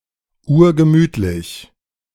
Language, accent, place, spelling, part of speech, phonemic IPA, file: German, Germany, Berlin, urgemütlich, adjective, /ˈuːɐ̯ɡəˈmyːtlɪç/, De-urgemütlich.ogg
- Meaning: very cosy